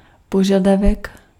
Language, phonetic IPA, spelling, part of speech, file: Czech, [ˈpoʒadavɛk], požadavek, noun, Cs-požadavek.ogg
- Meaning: requirement